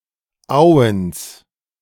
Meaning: genitive singular of Owen
- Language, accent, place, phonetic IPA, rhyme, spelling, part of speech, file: German, Germany, Berlin, [ˈaʊ̯əns], -aʊ̯əns, Owens, noun, De-Owens.ogg